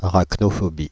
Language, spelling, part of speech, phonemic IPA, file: French, arachnophobie, noun, /a.ʁak.nɔ.fɔ.bi/, Fr-arachnophobie.ogg
- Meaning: arachnophobia (an abnormal or irrational fear of spiders)